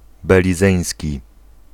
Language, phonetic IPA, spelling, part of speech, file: Polish, [ˌbɛlʲiˈzɛ̃j̃sʲci], belizeński, adjective, Pl-belizeński.ogg